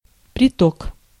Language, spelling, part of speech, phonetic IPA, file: Russian, приток, noun, [prʲɪˈtok], Ru-приток.ogg
- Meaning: 1. inflow, afflux 2. tributary, confluent (river)